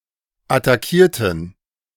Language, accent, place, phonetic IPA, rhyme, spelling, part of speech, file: German, Germany, Berlin, [ataˈkiːɐ̯tn̩], -iːɐ̯tn̩, attackierten, adjective / verb, De-attackierten.ogg
- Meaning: inflection of attackieren: 1. first/third-person plural preterite 2. first/third-person plural subjunctive II